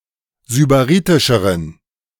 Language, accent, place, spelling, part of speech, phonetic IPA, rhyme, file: German, Germany, Berlin, sybaritischeren, adjective, [zybaˈʁiːtɪʃəʁən], -iːtɪʃəʁən, De-sybaritischeren.ogg
- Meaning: inflection of sybaritisch: 1. strong genitive masculine/neuter singular comparative degree 2. weak/mixed genitive/dative all-gender singular comparative degree